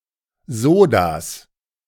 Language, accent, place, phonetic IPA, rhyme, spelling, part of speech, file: German, Germany, Berlin, [ˈzoːdas], -oːdas, Sodas, noun, De-Sodas.ogg
- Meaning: genitive singular of Soda